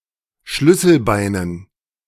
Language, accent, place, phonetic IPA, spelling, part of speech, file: German, Germany, Berlin, [ˈʃlʏsl̩ˌbaɪ̯nən], Schlüsselbeinen, noun, De-Schlüsselbeinen.ogg
- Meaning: dative plural of Schlüsselbein